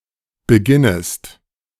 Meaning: second-person singular subjunctive I of beginnen
- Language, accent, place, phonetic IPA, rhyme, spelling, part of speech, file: German, Germany, Berlin, [bəˈɡɪnəst], -ɪnəst, beginnest, verb, De-beginnest.ogg